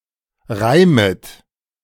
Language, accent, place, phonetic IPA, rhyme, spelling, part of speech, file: German, Germany, Berlin, [ˈʁaɪ̯mət], -aɪ̯mət, reimet, verb, De-reimet.ogg
- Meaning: second-person plural subjunctive I of reimen